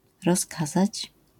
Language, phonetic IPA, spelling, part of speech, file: Polish, [rɔsˈkazat͡ɕ], rozkazać, verb, LL-Q809 (pol)-rozkazać.wav